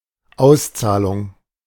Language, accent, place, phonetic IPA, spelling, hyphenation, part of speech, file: German, Germany, Berlin, [ˈaʊ̯sˌtsaːlʊŋ], Auszahlung, Aus‧zah‧lung, noun, De-Auszahlung.ogg
- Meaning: 1. payment, disbursement 2. paying off 3. buying out